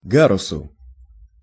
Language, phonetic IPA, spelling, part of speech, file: Russian, [ˈɡarʊsʊ], гарусу, noun, Ru-гарусу.ogg
- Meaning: dative singular of га́рус (gárus)